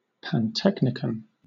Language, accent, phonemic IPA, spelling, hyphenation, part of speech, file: English, Southern England, /pænˈtɛknɪkən/, pantechnicon, pan‧tech‧ni‧con, noun, LL-Q1860 (eng)-pantechnicon.wav
- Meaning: A building or place housing shops or stalls where all sorts of (especially exotic) manufactured articles are collected for sale